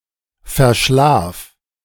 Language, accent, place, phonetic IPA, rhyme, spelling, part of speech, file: German, Germany, Berlin, [fɛɐ̯ˈʃlaːf], -aːf, verschlaf, verb, De-verschlaf.ogg
- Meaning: singular imperative of verschlafen